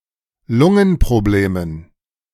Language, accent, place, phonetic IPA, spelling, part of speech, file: German, Germany, Berlin, [ˈlʊŋənpʁoˌbleːmən], Lungenproblemen, noun, De-Lungenproblemen.ogg
- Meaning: dative plural of Lungenproblem